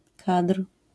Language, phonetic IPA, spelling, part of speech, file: Polish, [katr̥], kadr, noun, LL-Q809 (pol)-kadr.wav